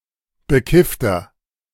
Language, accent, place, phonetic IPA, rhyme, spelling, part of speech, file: German, Germany, Berlin, [bəˈkɪftɐ], -ɪftɐ, bekiffter, adjective, De-bekiffter.ogg
- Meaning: 1. comparative degree of bekifft 2. inflection of bekifft: strong/mixed nominative masculine singular 3. inflection of bekifft: strong genitive/dative feminine singular